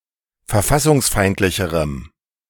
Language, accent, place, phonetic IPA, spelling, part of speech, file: German, Germany, Berlin, [fɛɐ̯ˈfasʊŋsˌfaɪ̯ntlɪçəʁəm], verfassungsfeindlicherem, adjective, De-verfassungsfeindlicherem.ogg
- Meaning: strong dative masculine/neuter singular comparative degree of verfassungsfeindlich